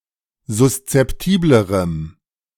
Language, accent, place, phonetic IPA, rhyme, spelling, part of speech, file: German, Germany, Berlin, [zʊst͡sɛpˈtiːbləʁəm], -iːbləʁəm, suszeptiblerem, adjective, De-suszeptiblerem.ogg
- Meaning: strong dative masculine/neuter singular comparative degree of suszeptibel